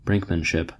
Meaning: The pursuit of an advantage by appearing to be willing to take a matter to the brink (for example, by risking a dangerous policy) rather than to concede a point
- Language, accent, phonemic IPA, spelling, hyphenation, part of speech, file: English, General American, /ˈbɹɪŋk.mənˌʃɪp/, brinkmanship, brink‧man‧ship, noun, En-us-brinkmanship.ogg